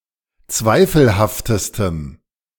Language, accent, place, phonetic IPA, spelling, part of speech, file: German, Germany, Berlin, [ˈt͡svaɪ̯fl̩haftəstəm], zweifelhaftestem, adjective, De-zweifelhaftestem.ogg
- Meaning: strong dative masculine/neuter singular superlative degree of zweifelhaft